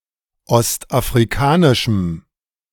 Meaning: strong dative masculine/neuter singular of ostafrikanisch
- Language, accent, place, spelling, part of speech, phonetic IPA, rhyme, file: German, Germany, Berlin, ostafrikanischem, adjective, [ˌɔstʔafʁiˈkaːnɪʃm̩], -aːnɪʃm̩, De-ostafrikanischem.ogg